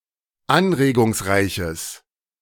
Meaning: strong/mixed nominative/accusative neuter singular of anregungsreich
- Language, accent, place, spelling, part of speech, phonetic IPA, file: German, Germany, Berlin, anregungsreiches, adjective, [ˈanʁeːɡʊŋsˌʁaɪ̯çəs], De-anregungsreiches.ogg